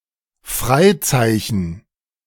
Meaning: dial tone
- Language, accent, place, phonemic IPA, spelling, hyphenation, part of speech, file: German, Germany, Berlin, /ˈfʁaɪ̯ˌt͡saɪ̯çn̩/, Freizeichen, Frei‧zei‧chen, noun, De-Freizeichen.ogg